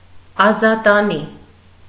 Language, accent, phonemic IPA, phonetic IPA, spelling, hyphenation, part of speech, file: Armenian, Eastern Armenian, /ɑzɑtɑˈni/, [ɑzɑtɑní], ազատանի, ա‧զա‧տա‧նի, noun / adjective, Hy-ազատանի.ogg
- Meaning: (noun) the nobility, the members of the azat class; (adjective) noble